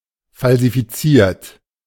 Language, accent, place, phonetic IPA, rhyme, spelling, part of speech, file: German, Germany, Berlin, [falzifiˈt͡siːɐ̯t], -iːɐ̯t, falsifiziert, adjective / verb, De-falsifiziert.ogg
- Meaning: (verb) past participle of falsifizieren; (adjective) falsified